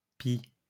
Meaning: plural of pie
- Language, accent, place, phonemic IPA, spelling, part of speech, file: French, France, Lyon, /pi/, pies, noun, LL-Q150 (fra)-pies.wav